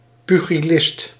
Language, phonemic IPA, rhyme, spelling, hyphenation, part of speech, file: Dutch, /ˌpy.ɣiˈlɪst/, -ɪst, pugilist, pu‧gi‧list, noun, Nl-pugilist.ogg
- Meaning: pugilist, boxer, fistfighter